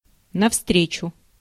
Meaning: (adverb) in the opposite direction; coming, approaching; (preposition) toward, towards
- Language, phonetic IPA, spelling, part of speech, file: Russian, [nɐfˈstrʲet͡ɕʊ], навстречу, adverb / preposition, Ru-навстречу.ogg